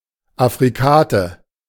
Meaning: affricate
- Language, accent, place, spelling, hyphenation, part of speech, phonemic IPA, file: German, Germany, Berlin, Affrikate, Af‧fri‧ka‧te, noun, /ˌafʁiˈkaːtə/, De-Affrikate.ogg